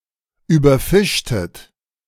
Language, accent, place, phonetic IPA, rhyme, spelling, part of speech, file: German, Germany, Berlin, [yːbɐˈfɪʃtət], -ɪʃtət, überfischtet, verb, De-überfischtet.ogg
- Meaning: inflection of überfischen: 1. second-person plural preterite 2. second-person plural subjunctive II